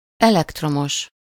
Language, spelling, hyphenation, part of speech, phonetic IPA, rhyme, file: Hungarian, elektromos, elekt‧ro‧mos, adjective / noun, [ˈɛlɛktromoʃ], -oʃ, Hu-elektromos.ogg
- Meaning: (adjective) electric, electrical; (noun) the electric power supplier or its employees